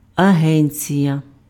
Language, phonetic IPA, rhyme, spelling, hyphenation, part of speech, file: Ukrainian, [ɐˈɦɛnʲt͡sʲijɐ], -ɛnʲt͡sʲijɐ, агенція, аген‧ція, noun, Uk-агенція.ogg
- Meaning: agency